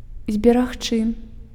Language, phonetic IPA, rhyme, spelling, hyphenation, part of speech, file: Belarusian, [zʲbʲeraxˈt͡ʂɨ], -ɨ, зберагчы, збе‧раг‧чы, verb, Be-зберагчы.ogg
- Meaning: 1. to save (from damage, destruction, disappearance, etc.) 2. to keep (not to lose something, to save) 3. to keep, to save (in heart, in memory) 4. to protect (from danger, death, trouble)